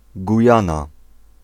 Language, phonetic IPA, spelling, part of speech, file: Polish, [ɡuˈjãna], Gujana, proper noun, Pl-Gujana.ogg